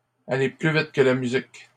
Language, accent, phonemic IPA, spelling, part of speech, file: French, Canada, /a.le ply vit kə la my.zik/, aller plus vite que la musique, verb, LL-Q150 (fra)-aller plus vite que la musique.wav
- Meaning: to be hasty, to get ahead of oneself